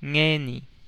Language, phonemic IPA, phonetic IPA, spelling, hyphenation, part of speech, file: Pampanga, /ˈŋeni/, [ˈŋɛː.nɪ], ngeni, nge‧ni, adverb / noun, Pam-ph-ngeni.ogg
- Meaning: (adverb) 1. now; at present 2. today; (noun) this time